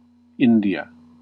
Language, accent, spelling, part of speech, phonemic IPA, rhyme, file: English, US, India, proper noun, /ˈɪndi.ə/, -ɪndiə, En-us-India.ogg
- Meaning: 1. A country in South Asia. Official name: Republic of India. Capital: New Delhi 2. A region of South Asia, traditionally delimited by the Himalayas and the Indus river; the Indian subcontinent